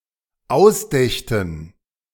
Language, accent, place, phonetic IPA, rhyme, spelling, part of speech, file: German, Germany, Berlin, [ˈaʊ̯sˌdɛçtn̩], -aʊ̯sdɛçtn̩, ausdächten, verb, De-ausdächten.ogg
- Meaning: first/third-person plural dependent subjunctive II of ausdenken